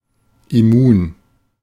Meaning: immune
- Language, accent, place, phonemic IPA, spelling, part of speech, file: German, Germany, Berlin, /ɪˈmuːn/, immun, adjective, De-immun.ogg